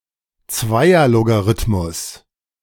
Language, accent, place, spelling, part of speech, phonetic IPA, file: German, Germany, Berlin, Zweierlogarithmus, noun, [ˈt͡svaɪ̯ɐloɡaˌʁɪtmʊs], De-Zweierlogarithmus.ogg
- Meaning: binary logarithm